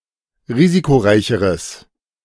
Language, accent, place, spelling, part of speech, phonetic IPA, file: German, Germany, Berlin, risikoreicheres, adjective, [ˈʁiːzikoˌʁaɪ̯çəʁəs], De-risikoreicheres.ogg
- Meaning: strong/mixed nominative/accusative neuter singular comparative degree of risikoreich